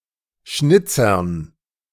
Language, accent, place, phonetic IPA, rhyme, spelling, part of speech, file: German, Germany, Berlin, [ˈʃnɪt͡sɐn], -ɪt͡sɐn, Schnitzern, noun, De-Schnitzern.ogg
- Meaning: dative plural of Schnitzer